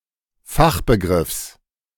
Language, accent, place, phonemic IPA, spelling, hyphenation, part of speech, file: German, Germany, Berlin, /ˈfaxbəˌɡʁɪfs/, Fachbegriffs, Fach‧be‧griffs, noun, De-Fachbegriffs.ogg
- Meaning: genitive singular of Fachbegriff